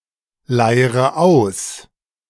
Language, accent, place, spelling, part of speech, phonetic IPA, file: German, Germany, Berlin, leire aus, verb, [ˌlaɪ̯ʁə ˈaʊ̯s], De-leire aus.ogg
- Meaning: inflection of ausleiern: 1. first-person singular present 2. first/third-person singular subjunctive I 3. singular imperative